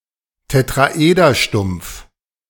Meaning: truncated tetrahedron
- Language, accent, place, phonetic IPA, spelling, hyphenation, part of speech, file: German, Germany, Berlin, [tetʁaˈʔeːdɐˌʃtʊm(p)f], Tetraederstumpf, Tet‧ra‧eder‧stumpf, noun, De-Tetraederstumpf.ogg